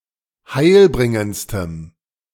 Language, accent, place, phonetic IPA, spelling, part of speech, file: German, Germany, Berlin, [ˈhaɪ̯lˌbʁɪŋənt͡stəm], heilbringendstem, adjective, De-heilbringendstem.ogg
- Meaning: strong dative masculine/neuter singular superlative degree of heilbringend